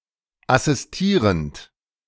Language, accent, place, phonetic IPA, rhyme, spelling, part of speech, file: German, Germany, Berlin, [asɪsˈtiːʁənt], -iːʁənt, assistierend, verb, De-assistierend.ogg
- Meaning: present participle of assistieren